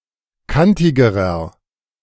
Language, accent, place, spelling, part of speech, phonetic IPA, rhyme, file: German, Germany, Berlin, kantigerer, adjective, [ˈkantɪɡəʁɐ], -antɪɡəʁɐ, De-kantigerer.ogg
- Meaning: inflection of kantig: 1. strong/mixed nominative masculine singular comparative degree 2. strong genitive/dative feminine singular comparative degree 3. strong genitive plural comparative degree